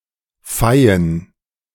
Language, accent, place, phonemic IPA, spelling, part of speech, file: German, Germany, Berlin, /faɪ̯ən/, feien, verb, De-feien.ogg
- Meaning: to protect, to shield